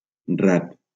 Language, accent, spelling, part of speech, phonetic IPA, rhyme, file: Catalan, Valencia, rat, noun, [ˈrat], -at, LL-Q7026 (cat)-rat.wav
- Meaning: rat